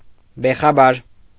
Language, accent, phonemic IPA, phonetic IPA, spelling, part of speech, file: Armenian, Eastern Armenian, /beχɑˈbɑɾ/, [beχɑbɑ́ɾ], բեխաբար, adjective, Hy-բեխաբար.ogg
- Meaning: uninformed, unaware (of), ignorant